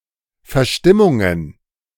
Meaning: plural of Verstimmung
- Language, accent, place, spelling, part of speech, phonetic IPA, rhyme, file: German, Germany, Berlin, Verstimmungen, noun, [fɛɐ̯ˈʃtɪmʊŋən], -ɪmʊŋən, De-Verstimmungen.ogg